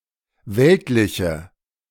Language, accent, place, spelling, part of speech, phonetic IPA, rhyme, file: German, Germany, Berlin, weltliche, adjective, [ˈvɛltlɪçə], -ɛltlɪçə, De-weltliche.ogg
- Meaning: inflection of weltlich: 1. strong/mixed nominative/accusative feminine singular 2. strong nominative/accusative plural 3. weak nominative all-gender singular